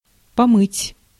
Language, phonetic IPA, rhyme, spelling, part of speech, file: Russian, [pɐˈmɨtʲ], -ɨtʲ, помыть, verb, Ru-помыть.ogg
- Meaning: to wash